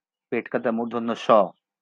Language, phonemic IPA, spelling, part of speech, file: Bengali, /ʃɔ/, ষ, character, LL-Q9610 (ben)-ষ.wav
- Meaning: The 41st character in the Bengali abugida